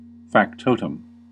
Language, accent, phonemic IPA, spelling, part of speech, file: English, US, /fækˈtoʊ.təm/, factotum, noun, En-us-factotum.ogg
- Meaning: 1. A person employed to perform all sorts of duties 2. A jack of all trades